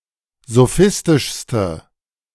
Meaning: inflection of sophistisch: 1. strong/mixed nominative/accusative feminine singular superlative degree 2. strong nominative/accusative plural superlative degree
- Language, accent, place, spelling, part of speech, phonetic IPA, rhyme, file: German, Germany, Berlin, sophistischste, adjective, [zoˈfɪstɪʃstə], -ɪstɪʃstə, De-sophistischste.ogg